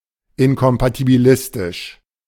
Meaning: incompatibilistic
- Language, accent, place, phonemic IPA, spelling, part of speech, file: German, Germany, Berlin, /ˈɪnkɔmpatibiˌlɪstɪʃ/, inkompatibilistisch, adjective, De-inkompatibilistisch.ogg